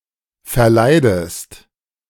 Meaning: inflection of verleiden: 1. second-person singular present 2. second-person singular subjunctive I
- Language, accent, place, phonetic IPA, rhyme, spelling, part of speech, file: German, Germany, Berlin, [fɛɐ̯ˈlaɪ̯dəst], -aɪ̯dəst, verleidest, verb, De-verleidest.ogg